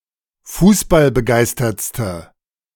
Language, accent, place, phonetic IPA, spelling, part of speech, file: German, Germany, Berlin, [ˈfuːsbalbəˌɡaɪ̯stɐt͡stə], fußballbegeistertste, adjective, De-fußballbegeistertste.ogg
- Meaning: inflection of fußballbegeistert: 1. strong/mixed nominative/accusative feminine singular superlative degree 2. strong nominative/accusative plural superlative degree